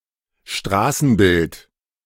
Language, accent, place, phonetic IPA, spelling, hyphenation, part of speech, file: German, Germany, Berlin, [ˈʃtʁaːsn̩ˌbɪlt], Straßenbild, Stra‧ßen‧bild, noun, De-Straßenbild.ogg
- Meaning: streetscape